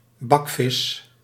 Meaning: 1. a pubescent girl, connoting giggliness and fangirlism 2. a fish cooked by frying (rather than boiling etc.), referring either a culinary dish or a species usually thus prepared
- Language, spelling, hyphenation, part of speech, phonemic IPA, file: Dutch, bakvis, bak‧vis, noun, /ˈbɑk.fɪs/, Nl-bakvis.ogg